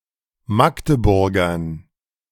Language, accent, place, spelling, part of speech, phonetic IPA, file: German, Germany, Berlin, Magdeburgern, noun, [ˈmakdəˌbʊʁɡɐn], De-Magdeburgern.ogg
- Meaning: dative plural of Magdeburger